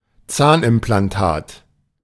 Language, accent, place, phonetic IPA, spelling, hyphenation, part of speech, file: German, Germany, Berlin, [ˈt͡saːnʔɪmplanˌtaːt], Zahnimplantat, Zahn‧im‧plan‧tat, noun, De-Zahnimplantat.ogg
- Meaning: dental implant